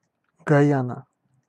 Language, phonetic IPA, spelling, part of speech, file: Russian, [ɡɐˈjanə], Гайана, proper noun, Ru-Гайана.ogg
- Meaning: Guyana (a country in South America)